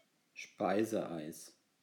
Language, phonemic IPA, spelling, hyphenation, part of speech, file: German, /ˈʃpaɪ̯zəˌʔaɪ̯s/, Speiseeis, Spei‧se‧eis, noun, De-Speiseeis.ogg
- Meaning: ice cream (dessert)